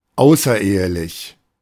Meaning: extramarital, out of wedlock
- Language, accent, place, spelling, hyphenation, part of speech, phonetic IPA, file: German, Germany, Berlin, außerehelich, au‧ßer‧ehe‧lich, adjective, [ˈaʊ̯sɐˌʔeːəlɪç], De-außerehelich.ogg